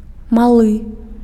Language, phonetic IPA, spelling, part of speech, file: Belarusian, [maˈɫɨ], малы, adjective, Be-малы.ogg
- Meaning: little, small